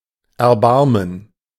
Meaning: to take pity on, to have mercy for
- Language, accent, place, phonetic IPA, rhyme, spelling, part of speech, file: German, Germany, Berlin, [ɛɐ̯ˈbaʁmən], -aʁmən, erbarmen, verb, De-erbarmen.ogg